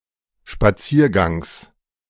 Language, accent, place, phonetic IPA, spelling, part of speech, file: German, Germany, Berlin, [ʃpaˈt͡siːɐ̯ˌɡaŋs], Spaziergangs, noun, De-Spaziergangs.ogg
- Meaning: genitive singular of Spaziergang